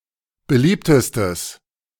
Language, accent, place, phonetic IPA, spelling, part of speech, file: German, Germany, Berlin, [bəˈliːptəstəs], beliebtestes, adjective, De-beliebtestes.ogg
- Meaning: strong/mixed nominative/accusative neuter singular superlative degree of beliebt